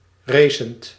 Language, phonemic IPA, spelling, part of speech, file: Dutch, /ˈresənt/, racend, verb, Nl-racend.ogg
- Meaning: present participle of racen